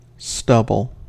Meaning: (noun) 1. Short, coarse hair, especially on a man’s face 2. The short stalks left in a field after crops have been harvested
- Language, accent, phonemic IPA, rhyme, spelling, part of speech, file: English, US, /ˈstʌb.əl/, -ʌbəl, stubble, noun / verb, En-us-stubble.ogg